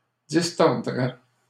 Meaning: third-person singular conditional of distordre
- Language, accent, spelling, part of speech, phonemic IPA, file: French, Canada, distordrait, verb, /dis.tɔʁ.dʁɛ/, LL-Q150 (fra)-distordrait.wav